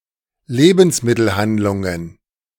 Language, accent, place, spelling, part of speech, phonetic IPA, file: German, Germany, Berlin, Lebensmittelhandlungen, noun, [ˈleːbn̩smɪtl̩ˌhandlʊŋən], De-Lebensmittelhandlungen.ogg
- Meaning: plural of Lebensmittelhandlung